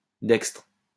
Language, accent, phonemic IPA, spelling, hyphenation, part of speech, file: French, France, /dɛkstʁ/, dextre, dex‧tre, adjective, LL-Q150 (fra)-dextre.wav
- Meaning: 1. adroit, dextrous 2. right-handed 3. dexter; right-hand side of the shield